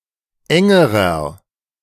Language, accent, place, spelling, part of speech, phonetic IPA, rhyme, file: German, Germany, Berlin, engerer, adjective, [ˈɛŋəʁɐ], -ɛŋəʁɐ, De-engerer.ogg
- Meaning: inflection of eng: 1. strong/mixed nominative masculine singular comparative degree 2. strong genitive/dative feminine singular comparative degree 3. strong genitive plural comparative degree